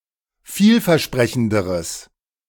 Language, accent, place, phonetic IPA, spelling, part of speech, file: German, Germany, Berlin, [ˈfiːlfɛɐ̯ˌʃpʁɛçn̩dəʁəs], vielversprechenderes, adjective, De-vielversprechenderes.ogg
- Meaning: strong/mixed nominative/accusative neuter singular comparative degree of vielversprechend